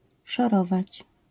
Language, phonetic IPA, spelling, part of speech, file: Polish, [ʃɔˈrɔvat͡ɕ], szorować, verb, LL-Q809 (pol)-szorować.wav